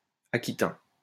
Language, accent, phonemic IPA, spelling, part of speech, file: French, France, /a.ki.tɛ̃/, aquitain, adjective / noun, LL-Q150 (fra)-aquitain.wav
- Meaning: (adjective) Aquitaine, Aquitanian; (noun) Aquitanian (ancient language)